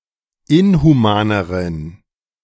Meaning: inflection of inhuman: 1. strong genitive masculine/neuter singular comparative degree 2. weak/mixed genitive/dative all-gender singular comparative degree
- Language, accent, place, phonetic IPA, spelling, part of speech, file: German, Germany, Berlin, [ˈɪnhuˌmaːnəʁən], inhumaneren, adjective, De-inhumaneren.ogg